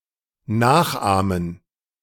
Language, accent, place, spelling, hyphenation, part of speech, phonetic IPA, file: German, Germany, Berlin, nachahmen, nach‧ah‧men, verb, [ˈnaːxˌʔaːmən], De-nachahmen.ogg
- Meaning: to copy, imitate, emulate (a person or thing)